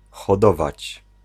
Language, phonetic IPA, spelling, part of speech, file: Polish, [xɔˈdɔvat͡ɕ], hodować, verb, Pl-hodować.ogg